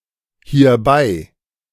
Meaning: hereby
- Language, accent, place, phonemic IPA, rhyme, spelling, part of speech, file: German, Germany, Berlin, /hiːɐ̯ˈbaɪ̯/, -aɪ̯, hierbei, adverb, De-hierbei.ogg